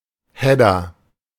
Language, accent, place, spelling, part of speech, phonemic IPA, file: German, Germany, Berlin, Header, noun, /ˈhɛdɐ/, De-Header.ogg
- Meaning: header